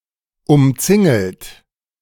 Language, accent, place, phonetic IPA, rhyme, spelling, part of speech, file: German, Germany, Berlin, [ʊmˈt͡sɪŋl̩t], -ɪŋl̩t, umzingelt, verb, De-umzingelt.ogg
- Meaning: past participle of umzingeln